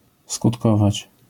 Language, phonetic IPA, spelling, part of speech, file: Polish, [skutˈkɔvat͡ɕ], skutkować, verb, LL-Q809 (pol)-skutkować.wav